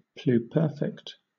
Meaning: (adjective) 1. More than perfect, utterly perfect, ideal 2. Pertaining to action completed before another action or event in the past, past perfect
- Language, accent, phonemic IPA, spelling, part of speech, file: English, Southern England, /pluːˈpɜː.fɪkt/, pluperfect, adjective / noun, LL-Q1860 (eng)-pluperfect.wav